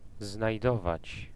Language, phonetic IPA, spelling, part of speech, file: Polish, [znajˈdɔvat͡ɕ], znajdować, verb, Pl-znajdować.ogg